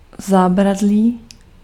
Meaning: 1. railing, rail 2. handrail
- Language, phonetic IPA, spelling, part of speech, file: Czech, [ˈzaːbradliː], zábradlí, noun, Cs-zábradlí.ogg